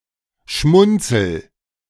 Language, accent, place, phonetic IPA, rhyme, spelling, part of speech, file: German, Germany, Berlin, [ˈʃmʊnt͡sl̩], -ʊnt͡sl̩, schmunzel, verb, De-schmunzel.ogg
- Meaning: inflection of schmunzeln: 1. first-person singular present 2. singular imperative